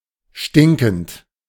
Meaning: present participle of stinken
- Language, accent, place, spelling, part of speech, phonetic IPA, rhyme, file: German, Germany, Berlin, stinkend, verb, [ˈʃtɪŋkn̩t], -ɪŋkn̩t, De-stinkend.ogg